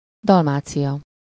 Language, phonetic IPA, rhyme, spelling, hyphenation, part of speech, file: Hungarian, [ˈdɒlmaːt͡sijɒ], -jɒ, Dalmácia, Dal‧má‧cia, proper noun, Hu-Dalmácia.ogg
- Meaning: 1. Dalmatia (a historical region of Croatia, on the eastern coast of the Adriatic Sea) 2. Dalmatia (a province of the Roman Empire)